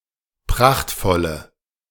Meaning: inflection of prachtvoll: 1. strong/mixed nominative/accusative feminine singular 2. strong nominative/accusative plural 3. weak nominative all-gender singular
- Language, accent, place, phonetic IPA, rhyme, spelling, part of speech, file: German, Germany, Berlin, [ˈpʁaxtfɔlə], -axtfɔlə, prachtvolle, adjective, De-prachtvolle.ogg